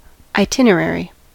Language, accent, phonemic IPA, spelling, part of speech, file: English, US, /aɪˈtɪnəˌɹɛɹi/, itinerary, noun / adjective, En-us-itinerary.ogg
- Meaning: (noun) 1. A written schedule of activities for a vacation or road trip 2. A route or proposed route of a journey 3. An account or record of a journey 4. A guidebook for travellers